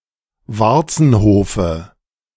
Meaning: dative singular of Warzenhof
- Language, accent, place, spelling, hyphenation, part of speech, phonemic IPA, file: German, Germany, Berlin, Warzenhofe, War‧zen‧ho‧fe, noun, /ˈvaʁt͡sn̩ˌhoːfə/, De-Warzenhofe.ogg